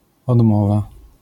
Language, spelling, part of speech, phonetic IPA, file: Polish, odmowa, noun, [ɔdˈmɔva], LL-Q809 (pol)-odmowa.wav